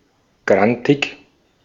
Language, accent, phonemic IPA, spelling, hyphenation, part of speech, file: German, Austria, /ˈɡʁantɪk/, grantig, gran‧tig, adjective, De-at-grantig.ogg
- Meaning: grumpy, angry